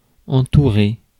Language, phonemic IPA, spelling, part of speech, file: French, /ɑ̃.tu.ʁe/, entourer, verb, Fr-entourer.ogg
- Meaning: to surround